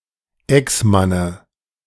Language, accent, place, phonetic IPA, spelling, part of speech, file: German, Germany, Berlin, [ˈɛksˌmanə], Exmanne, noun, De-Exmanne.ogg
- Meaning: dative of Exmann